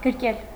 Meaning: to embrace, hug
- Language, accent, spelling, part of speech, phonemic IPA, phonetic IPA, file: Armenian, Eastern Armenian, գրկել, verb, /ɡəɾˈkel/, [ɡəɾkél], Hy-գրկել.ogg